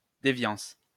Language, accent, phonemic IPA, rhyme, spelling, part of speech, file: French, France, /de.vjɑ̃s/, -ɑ̃s, déviance, noun, LL-Q150 (fra)-déviance.wav
- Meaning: 1. deviance (variation from expected behavior or form) 2. anomaly